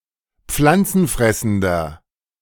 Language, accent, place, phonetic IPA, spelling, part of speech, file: German, Germany, Berlin, [ˈp͡flant͡sn̩ˌfʁɛsn̩dɐ], pflanzenfressender, adjective, De-pflanzenfressender.ogg
- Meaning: inflection of pflanzenfressend: 1. strong/mixed nominative masculine singular 2. strong genitive/dative feminine singular 3. strong genitive plural